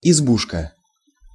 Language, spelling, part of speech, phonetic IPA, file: Russian, избушка, noun, [ɪzˈbuʂkə], Ru-избушка.ogg
- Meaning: diminutive of изба́ (izbá): izba, (peasant's) log hut, cottage